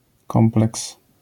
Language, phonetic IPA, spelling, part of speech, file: Polish, [ˈkɔ̃mplɛks], kompleks, noun, LL-Q809 (pol)-kompleks.wav